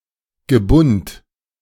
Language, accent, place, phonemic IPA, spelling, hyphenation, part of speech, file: German, Germany, Berlin, /ɡəˈbʊnt/, Gebund, Ge‧bund, noun, De-Gebund.ogg
- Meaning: bundle